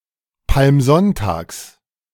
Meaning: genitive singular of Palmsonntag
- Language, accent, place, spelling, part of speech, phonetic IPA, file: German, Germany, Berlin, Palmsonntags, noun, [palmˈzɔntaːks], De-Palmsonntags.ogg